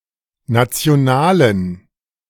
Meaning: inflection of national: 1. strong genitive masculine/neuter singular 2. weak/mixed genitive/dative all-gender singular 3. strong/weak/mixed accusative masculine singular 4. strong dative plural
- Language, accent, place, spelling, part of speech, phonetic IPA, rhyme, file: German, Germany, Berlin, nationalen, adjective, [ˌnat͡si̯oˈnaːlən], -aːlən, De-nationalen.ogg